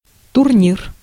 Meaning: tournament, tourney (series of games)
- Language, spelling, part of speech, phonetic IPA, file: Russian, турнир, noun, [tʊrˈnʲir], Ru-турнир.ogg